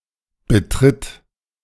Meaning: inflection of betreten: 1. third-person singular present 2. singular imperative
- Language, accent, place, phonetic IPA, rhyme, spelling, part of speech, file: German, Germany, Berlin, [bəˈtʁɪt], -ɪt, betritt, verb, De-betritt.ogg